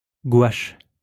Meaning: gouache
- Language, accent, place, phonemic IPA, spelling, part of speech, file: French, France, Lyon, /ɡwaʃ/, gouache, noun, LL-Q150 (fra)-gouache.wav